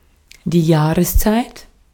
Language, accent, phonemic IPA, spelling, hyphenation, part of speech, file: German, Austria, /ˈjaːʁəsˌt͡saɪ̯t/, Jahreszeit, Jah‧res‧zeit, noun, De-at-Jahreszeit.ogg
- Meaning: season, time of year